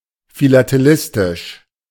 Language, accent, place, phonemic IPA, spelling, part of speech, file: German, Germany, Berlin, /filateˈlɪstɪʃ/, philatelistisch, adjective, De-philatelistisch.ogg
- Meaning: philatelic